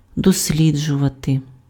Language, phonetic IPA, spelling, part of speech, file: Ukrainian, [dosʲˈlʲid͡ʒʊʋɐte], досліджувати, verb, Uk-досліджувати.ogg
- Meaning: to research, to investigate, to examine, to study